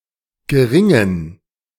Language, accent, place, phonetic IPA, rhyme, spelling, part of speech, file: German, Germany, Berlin, [ɡəˈʁɪŋən], -ɪŋən, geringen, adjective, De-geringen.ogg
- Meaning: inflection of gering: 1. strong genitive masculine/neuter singular 2. weak/mixed genitive/dative all-gender singular 3. strong/weak/mixed accusative masculine singular 4. strong dative plural